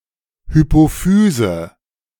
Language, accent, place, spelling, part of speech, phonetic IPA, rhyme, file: German, Germany, Berlin, Hypophyse, noun, [hypoˈfyːzə], -yːzə, De-Hypophyse.ogg
- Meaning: pituitary gland, pituitary (endocrine gland)